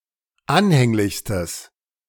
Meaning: strong/mixed nominative/accusative neuter singular superlative degree of anhänglich
- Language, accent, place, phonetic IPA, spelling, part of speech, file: German, Germany, Berlin, [ˈanhɛŋlɪçstəs], anhänglichstes, adjective, De-anhänglichstes.ogg